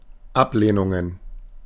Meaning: plural of Ablehnung
- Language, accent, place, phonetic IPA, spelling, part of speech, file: German, Germany, Berlin, [ˈapˌleːnʊŋən], Ablehnungen, noun, De-Ablehnungen.ogg